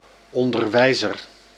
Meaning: teacher
- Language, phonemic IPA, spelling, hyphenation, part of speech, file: Dutch, /ˌɔn.dərˈʋɛi̯.zər/, onderwijzer, on‧der‧wij‧zer, noun, Nl-onderwijzer.ogg